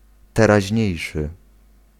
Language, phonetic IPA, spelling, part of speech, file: Polish, [ˌtɛraˈʑɲɛ̇jʃɨ], teraźniejszy, adjective, Pl-teraźniejszy.ogg